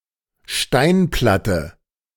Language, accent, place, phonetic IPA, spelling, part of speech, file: German, Germany, Berlin, [ˈʃtaɪ̯nˌplatə], Steinplatte, noun, De-Steinplatte.ogg
- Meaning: stone slab, stone plate